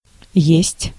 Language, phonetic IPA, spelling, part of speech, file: Russian, [jesʲtʲ], есть, verb / interjection, Ru-есть.ogg
- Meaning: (verb) 1. to eat 2. inflection of быть (bytʹ) 3. inflection of быть (bytʹ): present indicative 4. inflection of быть (bytʹ): first/second/third-person singular/plural present indicative imperfective